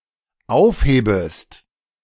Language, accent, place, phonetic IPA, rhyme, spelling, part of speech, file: German, Germany, Berlin, [ˈaʊ̯fˌheːbəst], -aʊ̯fheːbəst, aufhebest, verb, De-aufhebest.ogg
- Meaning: second-person singular dependent subjunctive I of aufheben